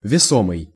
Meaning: 1. ponderable, heavy 2. weighty, influential 3. considerable, substantial
- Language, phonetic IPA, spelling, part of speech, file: Russian, [vʲɪˈsomɨj], весомый, adjective, Ru-весомый.ogg